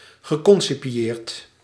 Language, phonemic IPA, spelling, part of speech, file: Dutch, /ɣəˌkɔnsipiˈjert/, geconcipieerd, verb, Nl-geconcipieerd.ogg
- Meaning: past participle of concipiëren